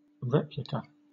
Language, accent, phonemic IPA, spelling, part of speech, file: English, Southern England, /ˈɹɛplɪkə/, replica, noun, LL-Q1860 (eng)-replica.wav
- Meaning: 1. An exact copy 2. A copy made at a smaller scale than the original